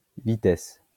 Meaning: 1. speed 2. gear
- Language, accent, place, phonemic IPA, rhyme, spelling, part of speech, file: French, France, Lyon, /vi.tɛs/, -ɛs, vitesse, noun, LL-Q150 (fra)-vitesse.wav